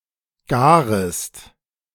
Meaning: second-person singular subjunctive I of garen
- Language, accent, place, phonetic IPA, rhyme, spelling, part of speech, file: German, Germany, Berlin, [ˈɡaːʁəst], -aːʁəst, garest, verb, De-garest.ogg